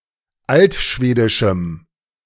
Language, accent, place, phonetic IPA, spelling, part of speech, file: German, Germany, Berlin, [ˈaltˌʃveːdɪʃm̩], altschwedischem, adjective, De-altschwedischem.ogg
- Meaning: strong dative masculine/neuter singular of altschwedisch